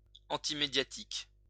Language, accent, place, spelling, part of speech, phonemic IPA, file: French, France, Lyon, antimédiatique, adjective, /ɑ̃.ti.me.dja.tik/, LL-Q150 (fra)-antimédiatique.wav
- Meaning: antimedia